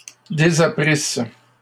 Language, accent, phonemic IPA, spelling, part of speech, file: French, Canada, /de.za.pʁis/, désapprisse, verb, LL-Q150 (fra)-désapprisse.wav
- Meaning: first-person singular imperfect subjunctive of désapprendre